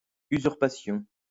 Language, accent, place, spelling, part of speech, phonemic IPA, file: French, France, Lyon, usurpation, noun, /y.zyʁ.pa.sjɔ̃/, LL-Q150 (fra)-usurpation.wav
- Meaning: 1. usurpation (wrongful seizure) 2. that which is usurped